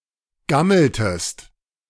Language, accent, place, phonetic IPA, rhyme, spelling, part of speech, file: German, Germany, Berlin, [ˈɡaml̩təst], -aml̩təst, gammeltest, verb, De-gammeltest.ogg
- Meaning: inflection of gammeln: 1. second-person singular preterite 2. second-person singular subjunctive II